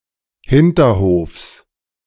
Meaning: genitive of Hinterhof
- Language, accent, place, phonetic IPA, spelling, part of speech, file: German, Germany, Berlin, [ˈhɪntɐˌhoːfs], Hinterhofs, noun, De-Hinterhofs.ogg